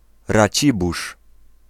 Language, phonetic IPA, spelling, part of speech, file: Polish, [raˈt͡ɕibuʃ], Racibórz, proper noun, Pl-Racibórz.ogg